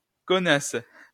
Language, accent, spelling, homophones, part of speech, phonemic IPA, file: French, France, conasse, conasses / connasse / connasses, noun, /kɔ.nas/, LL-Q150 (fra)-conasse.wav
- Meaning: alternative spelling of connasse